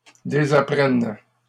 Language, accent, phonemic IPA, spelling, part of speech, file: French, Canada, /de.za.pʁɛn/, désapprennes, verb, LL-Q150 (fra)-désapprennes.wav
- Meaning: second-person singular present subjunctive of désapprendre